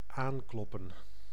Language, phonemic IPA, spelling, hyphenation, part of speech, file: Dutch, /ˈaːŋklɔpə(n)/, aankloppen, aan‧klop‧pen, verb, Nl-aankloppen.ogg
- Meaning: to knock on the door